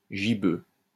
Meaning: 1. gibbous 2. gibbose
- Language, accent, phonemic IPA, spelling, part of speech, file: French, France, /ʒi.bø/, gibbeux, adjective, LL-Q150 (fra)-gibbeux.wav